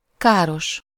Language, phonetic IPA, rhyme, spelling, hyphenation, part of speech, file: Hungarian, [ˈkaːroʃ], -oʃ, káros, ká‧ros, adjective, Hu-káros.ogg
- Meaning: harmful, damaging